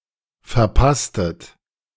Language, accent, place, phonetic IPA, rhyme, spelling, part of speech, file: German, Germany, Berlin, [fɛɐ̯ˈpastət], -astət, verpasstet, verb, De-verpasstet.ogg
- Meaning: inflection of verpassen: 1. second-person plural preterite 2. second-person plural subjunctive II